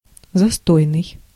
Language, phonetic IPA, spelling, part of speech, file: Russian, [zɐˈstojnɨj], застойный, adjective, Ru-застойный.ogg
- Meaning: stagnant